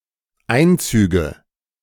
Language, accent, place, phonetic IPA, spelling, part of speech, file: German, Germany, Berlin, [ˈaɪ̯nˌt͡syːɡə], Einzüge, noun, De-Einzüge.ogg
- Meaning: nominative/accusative/genitive plural of Einzug